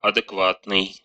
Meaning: 1. corresponding to norm, acceptable, normal, proper, appropriate, reasonable, sane, rational, having common sense 2. adequate, exact (accurately corresponding to something)
- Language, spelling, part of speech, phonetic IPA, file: Russian, адекватный, adjective, [ɐdɨkˈvatnɨj], Ru-адеква́тный.ogg